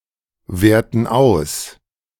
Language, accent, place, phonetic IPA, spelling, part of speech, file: German, Germany, Berlin, [ˌveːɐ̯tn̩ ˈaʊ̯s], werten aus, verb, De-werten aus.ogg
- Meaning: inflection of auswerten: 1. first/third-person plural present 2. first/third-person plural subjunctive I